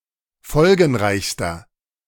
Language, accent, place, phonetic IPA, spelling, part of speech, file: German, Germany, Berlin, [ˈfɔlɡn̩ˌʁaɪ̯çstɐ], folgenreichster, adjective, De-folgenreichster.ogg
- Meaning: inflection of folgenreich: 1. strong/mixed nominative masculine singular superlative degree 2. strong genitive/dative feminine singular superlative degree 3. strong genitive plural superlative degree